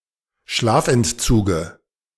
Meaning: dative of Schlafentzug
- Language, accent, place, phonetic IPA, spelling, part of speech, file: German, Germany, Berlin, [ˈʃlaːfʔɛntˌt͡suːɡə], Schlafentzuge, noun, De-Schlafentzuge.ogg